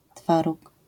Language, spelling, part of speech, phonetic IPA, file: Polish, twaróg, noun, [ˈtfaruk], LL-Q809 (pol)-twaróg.wav